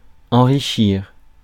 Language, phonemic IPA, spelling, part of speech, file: French, /ɑ̃.ʁi.ʃiʁ/, enrichir, verb, Fr-enrichir.ogg
- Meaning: to enrich